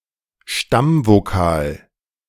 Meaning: 1. thematic vowel, stem vowel (characteristic vowel linking a root with its suffixes) 2. root vowel, the (stressed) vowel of the root ≈ stem itself
- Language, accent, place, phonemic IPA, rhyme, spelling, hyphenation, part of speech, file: German, Germany, Berlin, /ˈʃtam.voˌkaːl/, -aːl, Stammvokal, Stamm‧vo‧kal, noun, De-Stammvokal.ogg